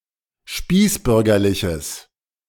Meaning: strong/mixed nominative/accusative neuter singular of spießbürgerlich
- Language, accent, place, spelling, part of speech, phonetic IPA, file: German, Germany, Berlin, spießbürgerliches, adjective, [ˈʃpiːsˌbʏʁɡɐlɪçəs], De-spießbürgerliches.ogg